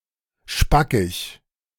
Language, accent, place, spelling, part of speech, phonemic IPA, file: German, Germany, Berlin, spackig, adjective, /ˈʃpakɪç/, De-spackig.ogg
- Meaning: 1. dried out, cracked 2. ridiculous, absurd